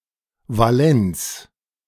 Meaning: 1. valence, valency 2. valence
- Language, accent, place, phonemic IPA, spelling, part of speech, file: German, Germany, Berlin, /vaˈlɛnt͡s/, Valenz, noun, De-Valenz.ogg